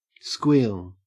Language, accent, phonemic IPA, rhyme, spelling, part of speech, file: English, Australia, /skwiːl/, -iːl, squeal, noun / verb, En-au-squeal.ogg
- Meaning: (noun) 1. A high-pitched sound, such as the scream of a child or a female person, or noisy worn-down brake pads 2. The cry of a pig; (verb) To scream with a shrill, prolonged sound